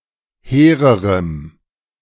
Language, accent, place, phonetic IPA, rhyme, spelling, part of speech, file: German, Germany, Berlin, [ˈheːʁəʁəm], -eːʁəʁəm, hehrerem, adjective, De-hehrerem.ogg
- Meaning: strong dative masculine/neuter singular comparative degree of hehr